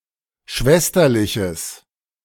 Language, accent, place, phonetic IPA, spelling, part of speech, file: German, Germany, Berlin, [ˈʃvɛstɐlɪçəs], schwesterliches, adjective, De-schwesterliches.ogg
- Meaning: strong/mixed nominative/accusative neuter singular of schwesterlich